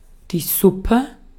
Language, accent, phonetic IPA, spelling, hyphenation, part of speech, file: German, Austria, [ˈsupɛ], Suppe, Sup‧pe, noun, De-at-Suppe.ogg
- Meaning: soup